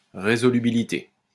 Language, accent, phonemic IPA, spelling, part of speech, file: French, France, /ʁe.zɔ.ly.bi.li.te/, résolubilité, noun, LL-Q150 (fra)-résolubilité.wav
- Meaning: resolubility, resolvability